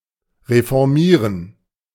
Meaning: to reform
- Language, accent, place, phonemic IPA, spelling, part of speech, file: German, Germany, Berlin, /ʁefɔʁˈmiːʁən/, reformieren, verb, De-reformieren.ogg